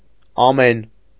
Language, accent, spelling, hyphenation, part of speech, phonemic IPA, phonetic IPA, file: Armenian, Eastern Armenian, ամեն, ա‧մեն, pronoun / interjection, /ɑˈmen/, [ɑmén], Hy-ամեն.ogg
- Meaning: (pronoun) 1. each, every 2. all; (interjection) amen